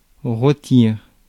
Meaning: to roast
- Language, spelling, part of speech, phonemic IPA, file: French, rôtir, verb, /ʁo.tiʁ/, Fr-rôtir.ogg